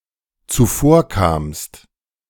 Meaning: second-person singular dependent preterite of zuvorkommen
- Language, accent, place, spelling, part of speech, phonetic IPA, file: German, Germany, Berlin, zuvorkamst, verb, [t͡suˈfoːɐ̯ˌkaːmst], De-zuvorkamst.ogg